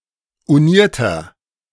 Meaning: inflection of uniert: 1. strong/mixed nominative masculine singular 2. strong genitive/dative feminine singular 3. strong genitive plural
- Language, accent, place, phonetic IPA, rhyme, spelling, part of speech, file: German, Germany, Berlin, [uˈniːɐ̯tɐ], -iːɐ̯tɐ, unierter, adjective, De-unierter.ogg